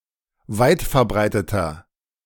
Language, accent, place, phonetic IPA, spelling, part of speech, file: German, Germany, Berlin, [ˈvaɪ̯tfɛɐ̯ˌbʁaɪ̯tətɐ], weitverbreiteter, adjective, De-weitverbreiteter.ogg
- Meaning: 1. comparative degree of weitverbreitet 2. inflection of weitverbreitet: strong/mixed nominative masculine singular 3. inflection of weitverbreitet: strong genitive/dative feminine singular